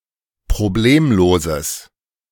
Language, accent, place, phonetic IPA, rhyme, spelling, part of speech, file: German, Germany, Berlin, [pʁoˈbleːmloːzəs], -eːmloːzəs, problemloses, adjective, De-problemloses.ogg
- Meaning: strong/mixed nominative/accusative neuter singular of problemlos